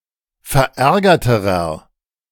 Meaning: inflection of verärgert: 1. strong/mixed nominative masculine singular comparative degree 2. strong genitive/dative feminine singular comparative degree 3. strong genitive plural comparative degree
- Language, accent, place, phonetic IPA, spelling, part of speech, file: German, Germany, Berlin, [fɛɐ̯ˈʔɛʁɡɐtəʁɐ], verärgerterer, adjective, De-verärgerterer.ogg